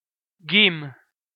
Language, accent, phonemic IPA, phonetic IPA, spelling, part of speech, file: Armenian, Eastern Armenian, /ɡim/, [ɡim], գիմ, noun, Hy-EA-գիմ.ogg
- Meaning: the name of the Armenian letter գ (g)